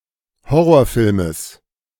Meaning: genitive singular of Horrorfilm
- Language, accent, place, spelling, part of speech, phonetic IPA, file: German, Germany, Berlin, Horrorfilmes, noun, [ˈhɔʁoːɐ̯ˌfɪlməs], De-Horrorfilmes.ogg